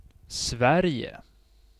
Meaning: Sweden (a country in Scandinavia in Northern Europe)
- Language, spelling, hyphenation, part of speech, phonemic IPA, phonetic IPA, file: Swedish, Sverige, Sver‧ige, proper noun, /ˈsvɛrjɛ/, [ˈs̪væ̝rjɛ̠], Sv-Sverige.ogg